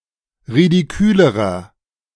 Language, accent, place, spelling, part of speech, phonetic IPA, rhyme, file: German, Germany, Berlin, ridikülerer, adjective, [ʁidiˈkyːləʁɐ], -yːləʁɐ, De-ridikülerer.ogg
- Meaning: inflection of ridikül: 1. strong/mixed nominative masculine singular comparative degree 2. strong genitive/dative feminine singular comparative degree 3. strong genitive plural comparative degree